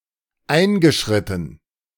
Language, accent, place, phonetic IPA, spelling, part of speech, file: German, Germany, Berlin, [ˈaɪ̯nɡəˌʃʁɪtn̩], eingeschritten, verb, De-eingeschritten.ogg
- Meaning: past participle of einschreiten